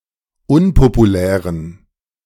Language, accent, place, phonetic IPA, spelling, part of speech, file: German, Germany, Berlin, [ˈʊnpopuˌlɛːʁən], unpopulären, adjective, De-unpopulären.ogg
- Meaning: inflection of unpopulär: 1. strong genitive masculine/neuter singular 2. weak/mixed genitive/dative all-gender singular 3. strong/weak/mixed accusative masculine singular 4. strong dative plural